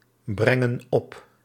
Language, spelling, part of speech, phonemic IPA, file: Dutch, brengen op, verb, /ˈbrɛŋə(n) ˈɔp/, Nl-brengen op.ogg
- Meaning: inflection of opbrengen: 1. plural present indicative 2. plural present subjunctive